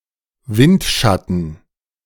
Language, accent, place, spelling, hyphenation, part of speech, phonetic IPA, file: German, Germany, Berlin, Windschatten, Wind‧schat‧ten, noun, [ˈvɪntˌʃatn̩], De-Windschatten.ogg
- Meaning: 1. slipstream 2. lee